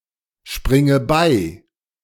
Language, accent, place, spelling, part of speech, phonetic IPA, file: German, Germany, Berlin, springe bei, verb, [ˌʃpʁɪŋə ˈbaɪ̯], De-springe bei.ogg
- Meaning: inflection of beispringen: 1. first-person singular present 2. first/third-person singular subjunctive I 3. singular imperative